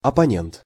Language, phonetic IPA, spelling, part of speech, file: Russian, [ɐpɐˈnʲent], оппонент, noun, Ru-оппонент.ogg
- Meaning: opponent